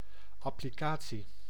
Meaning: 1. application, act or process of applying something 2. application, program, app, piece of software 3. the particular way of using one's fingers in playing an instrument
- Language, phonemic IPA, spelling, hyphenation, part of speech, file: Dutch, /ˌɑ.pliˈkaː.(t)si/, applicatie, ap‧pli‧ca‧tie, noun, Nl-applicatie.ogg